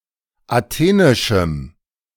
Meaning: strong dative masculine/neuter singular of athenisch
- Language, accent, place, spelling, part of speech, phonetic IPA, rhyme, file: German, Germany, Berlin, athenischem, adjective, [aˈteːnɪʃm̩], -eːnɪʃm̩, De-athenischem.ogg